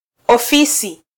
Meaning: 1. office (administrative unit) 2. office (room or building used for non-manual work)
- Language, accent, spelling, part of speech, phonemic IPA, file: Swahili, Kenya, ofisi, noun, /ɔˈfi.si/, Sw-ke-ofisi.flac